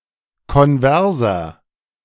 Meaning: inflection of konvers: 1. strong/mixed nominative masculine singular 2. strong genitive/dative feminine singular 3. strong genitive plural
- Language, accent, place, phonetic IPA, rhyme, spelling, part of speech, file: German, Germany, Berlin, [kɔnˈvɛʁzɐ], -ɛʁzɐ, konverser, adjective, De-konverser.ogg